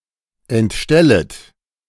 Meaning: second-person plural subjunctive I of entstellen
- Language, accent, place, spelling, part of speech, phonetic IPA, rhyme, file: German, Germany, Berlin, entstellet, verb, [ɛntˈʃtɛlət], -ɛlət, De-entstellet.ogg